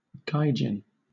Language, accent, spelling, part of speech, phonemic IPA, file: English, Southern England, gaijin, noun, /ˈɡaɪˌd͡ʒɪn/, LL-Q1860 (eng)-gaijin.wav
- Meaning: 1. A non-Japanese person 2. A white person